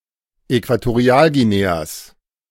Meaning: genitive singular of Äquatorialguinea
- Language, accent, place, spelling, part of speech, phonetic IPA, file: German, Germany, Berlin, Äquatorialguineas, noun, [ˌɛkvatoˈʁi̯aːlɡiˌneːas], De-Äquatorialguineas.ogg